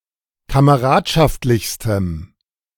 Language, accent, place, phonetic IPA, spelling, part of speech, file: German, Germany, Berlin, [kaməˈʁaːtʃaftlɪçstəm], kameradschaftlichstem, adjective, De-kameradschaftlichstem.ogg
- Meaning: strong dative masculine/neuter singular superlative degree of kameradschaftlich